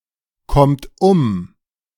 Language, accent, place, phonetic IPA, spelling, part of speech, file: German, Germany, Berlin, [ˌkɔmt ˈʊm], kommt um, verb, De-kommt um.ogg
- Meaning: inflection of umkommen: 1. third-person singular present 2. second-person plural present 3. plural imperative